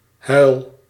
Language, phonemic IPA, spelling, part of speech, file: Dutch, /ɦœy̯l/, huil, verb / noun, Nl-huil.ogg
- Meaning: inflection of huilen: 1. first-person singular present indicative 2. second-person singular present indicative 3. imperative